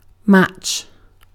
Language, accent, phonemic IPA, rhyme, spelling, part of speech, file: English, UK, /mæt͡ʃ/, -ætʃ, match, noun / verb, En-uk-match.ogg
- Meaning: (noun) Any contest or trial of strength or skill, or to determine superiority